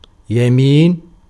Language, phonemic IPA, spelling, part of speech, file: Arabic, /ja.miːn/, يمين, noun, Ar-يمين.ogg
- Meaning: 1. right, right side (opposed to left) 2. right hand 3. oath 4. Power